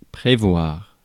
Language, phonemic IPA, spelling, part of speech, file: French, /pʁe.vwaʁ/, prévoir, verb, Fr-prévoir.ogg
- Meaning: 1. to anticipate, foresee, expect (reaction, event, etc.) 2. to forecast (weather) 3. to plan 4. to allow, make plans for, prepare, make provision for 5. to stipulate